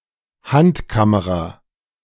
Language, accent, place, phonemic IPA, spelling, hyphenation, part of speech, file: German, Germany, Berlin, /ˈhantˌkaməʁa/, Handkamera, Hand‧ka‧me‧ra, noun, De-Handkamera.ogg
- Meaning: handheld camera